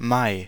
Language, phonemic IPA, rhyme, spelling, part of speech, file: German, /maɪ̯/, -aɪ̯, Mai, noun, De-Mai.ogg
- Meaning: May (the fifth month of the Gregorian calendar, following April and preceding June)